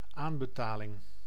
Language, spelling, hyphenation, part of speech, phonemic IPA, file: Dutch, aanbetaling, aan‧be‧ta‧ling, noun, /ˈaːn.bəˌtaː.lɪŋ/, Nl-aanbetaling.ogg
- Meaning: down payment